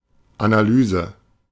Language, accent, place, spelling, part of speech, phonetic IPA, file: German, Germany, Berlin, Analyse, noun, [ʔanaˈlyːzə], De-Analyse.ogg
- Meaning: analysis